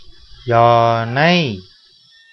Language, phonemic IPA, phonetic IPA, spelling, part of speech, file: Tamil, /jɑːnɐɪ̯/, [jäːnɐɪ̯], யானை, noun, Ta-யானை.ogg
- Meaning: elephant (Elephas maximus)